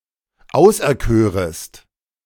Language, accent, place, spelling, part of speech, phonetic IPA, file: German, Germany, Berlin, auserkörest, verb, [ˈaʊ̯sʔɛɐ̯ˌkøːʁəst], De-auserkörest.ogg
- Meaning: second-person singular subjunctive I of auserkiesen